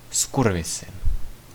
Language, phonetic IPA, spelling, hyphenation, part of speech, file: Czech, [ˈskurvɪsɪn], zkurvysyn, zku‧r‧vy‧syn, noun, Cs-zkurvysyn.ogg
- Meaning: son of a bitch (objectionable person)